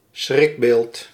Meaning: terrifying thought, bugbear
- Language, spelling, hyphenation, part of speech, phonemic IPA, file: Dutch, schrikbeeld, schrik‧beeld, noun, /ˈsxrɪk.beːlt/, Nl-schrikbeeld.ogg